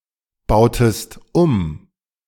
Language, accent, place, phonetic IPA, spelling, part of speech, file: German, Germany, Berlin, [ˌbaʊ̯təst ˈum], bautest um, verb, De-bautest um.ogg
- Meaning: inflection of umbauen: 1. second-person singular preterite 2. second-person singular subjunctive II